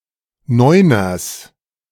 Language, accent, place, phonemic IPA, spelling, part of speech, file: German, Germany, Berlin, /ˈnɔʏ̯nɐs/, Neuners, noun, De-Neuners.ogg
- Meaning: genitive singular of Neuner